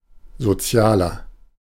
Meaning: 1. comparative degree of sozial 2. inflection of sozial: strong/mixed nominative masculine singular 3. inflection of sozial: strong genitive/dative feminine singular
- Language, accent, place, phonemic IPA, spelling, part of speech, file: German, Germany, Berlin, /zoˈtsi̯aːlɐ/, sozialer, adjective, De-sozialer.ogg